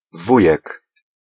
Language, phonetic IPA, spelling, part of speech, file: Polish, [ˈvujɛk], wujek, noun, Pl-wujek.ogg